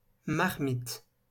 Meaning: 1. pot, cooking pot, marmite 2. meal prepared in a cooking pot 3. (heavy) shell 4. prostitute, especially one past the first youth, the "flesh pot" of the souteneur
- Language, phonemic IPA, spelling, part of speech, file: French, /maʁ.mit/, marmite, noun, LL-Q150 (fra)-marmite.wav